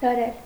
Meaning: 1. to tune (a musical instrument) 2. to wind up (a mechanism) 3. to stretch, extend; to strain 4. to strain; to worsen 5. to chase away 6. to arrange, place (in order), line up
- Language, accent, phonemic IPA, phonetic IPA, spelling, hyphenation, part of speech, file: Armenian, Eastern Armenian, /lɑˈɾel/, [lɑɾél], լարել, լա‧րել, verb, Hy-լարել.ogg